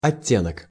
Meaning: 1. tinge, nuance, shade, tint, hue (color or shade of color; tint; dye) 2. inflection, nuance 3. connotation
- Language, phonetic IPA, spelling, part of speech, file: Russian, [ɐˈtʲːenək], оттенок, noun, Ru-оттенок.ogg